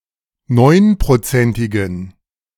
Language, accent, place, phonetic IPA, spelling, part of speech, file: German, Germany, Berlin, [ˈnɔɪ̯npʁoˌt͡sɛntɪɡn̩], neunprozentigen, adjective, De-neunprozentigen.ogg
- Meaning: inflection of neunprozentig: 1. strong genitive masculine/neuter singular 2. weak/mixed genitive/dative all-gender singular 3. strong/weak/mixed accusative masculine singular 4. strong dative plural